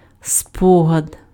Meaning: memory, recollection, reminiscence (a record of a thing or an event stored and available for later use by the organism)
- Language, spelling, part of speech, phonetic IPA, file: Ukrainian, спогад, noun, [ˈspɔɦɐd], Uk-спогад.ogg